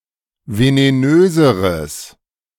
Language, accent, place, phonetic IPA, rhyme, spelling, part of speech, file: German, Germany, Berlin, [veneˈnøːzəʁəs], -øːzəʁəs, venenöseres, adjective, De-venenöseres.ogg
- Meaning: strong/mixed nominative/accusative neuter singular comparative degree of venenös